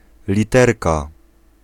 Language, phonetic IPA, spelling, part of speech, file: Polish, [lʲiˈtɛrka], literka, noun, Pl-literka.ogg